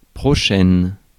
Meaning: feminine singular of prochain
- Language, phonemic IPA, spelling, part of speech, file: French, /pʁɔ.ʃɛn/, prochaine, adjective, Fr-prochaine.ogg